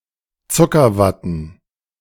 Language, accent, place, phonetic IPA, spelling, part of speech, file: German, Germany, Berlin, [ˈt͡sʊkɐˌvatn̩], Zuckerwatten, noun, De-Zuckerwatten.ogg
- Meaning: plural of Zuckerwatte